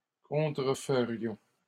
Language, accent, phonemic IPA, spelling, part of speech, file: French, Canada, /kɔ̃.tʁə.fə.ʁjɔ̃/, contreferions, verb, LL-Q150 (fra)-contreferions.wav
- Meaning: first-person plural conditional of contrefaire